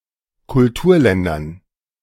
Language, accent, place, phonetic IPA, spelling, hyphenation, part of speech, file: German, Germany, Berlin, [kʊlˈtuːɐ̯ˌlɛndɐn], Kulturländern, Kul‧tur‧län‧dern, noun, De-Kulturländern.ogg
- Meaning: dative plural of Kulturland